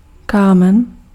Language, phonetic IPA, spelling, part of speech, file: Czech, [ˈkaːmɛn], kámen, noun, Cs-kámen.ogg
- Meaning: 1. stone (substance, small piece) 2. piece (in board games)